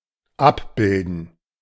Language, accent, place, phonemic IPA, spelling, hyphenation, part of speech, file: German, Germany, Berlin, /ˈap.bɪl.dən/, abbilden, ab‧bil‧den, verb, De-abbilden.ogg
- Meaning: 1. to portray, to depict, to picture 2. to map, to outline